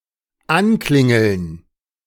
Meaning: 1. to make a missed call, to drop call (US), to beep (Africa), (to get the other person to call back) 2. to call, to telephone (especially South Germany, Switzerland, Austria) 3. to ring a doorbell
- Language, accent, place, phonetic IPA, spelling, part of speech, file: German, Germany, Berlin, [ˈanˌklɪŋl̩n], anklingeln, verb, De-anklingeln.ogg